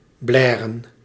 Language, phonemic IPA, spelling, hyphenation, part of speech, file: Dutch, /ˈblɛːrə(n)/, blèren, blè‧ren, verb, Nl-blèren.ogg
- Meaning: to cry or whine loudly